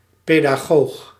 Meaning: pedagogue
- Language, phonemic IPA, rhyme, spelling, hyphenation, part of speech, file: Dutch, /ˌpeː.daːˈɣoːx/, -oːx, pedagoog, pe‧da‧goog, noun, Nl-pedagoog.ogg